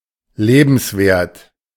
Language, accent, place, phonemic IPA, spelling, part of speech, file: German, Germany, Berlin, /ˈleːbn̩sˌveːɐ̯t/, lebenswert, adjective, De-lebenswert.ogg
- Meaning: worth living